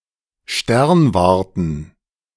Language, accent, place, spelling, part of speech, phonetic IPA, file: German, Germany, Berlin, Sternwarten, noun, [ˈʃtɛʁnvaʁtən], De-Sternwarten.ogg
- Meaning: plural of Sternwarte